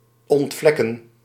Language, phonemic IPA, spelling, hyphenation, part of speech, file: Dutch, /ˌɔntˈvlɛ.kə(n)/, ontvlekken, ont‧vlek‧ken, verb, Nl-ontvlekken.ogg
- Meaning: to unstain, despeckle, remove stains